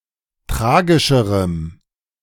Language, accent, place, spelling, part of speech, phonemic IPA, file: German, Germany, Berlin, tragischerem, adjective, /ˈtʁaːɡɪʃəʁəm/, De-tragischerem.ogg
- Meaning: strong dative masculine/neuter singular of tragischer